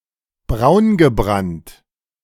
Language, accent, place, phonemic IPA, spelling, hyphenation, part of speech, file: German, Germany, Berlin, /ˈbʁaʊ̯nɡəˌbʁant/, braungebrannt, braun‧ge‧brannt, adjective, De-braungebrannt.ogg
- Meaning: tanned, suntanned, bronzed